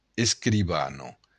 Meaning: female equivalent of escrivan
- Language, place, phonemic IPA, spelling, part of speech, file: Occitan, Béarn, /eskɾiˈβano̞/, escrivana, noun, LL-Q14185 (oci)-escrivana.wav